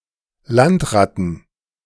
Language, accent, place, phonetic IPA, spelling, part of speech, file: German, Germany, Berlin, [ˈlantˌʁatən], Landratten, noun, De-Landratten.ogg
- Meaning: plural of Landratte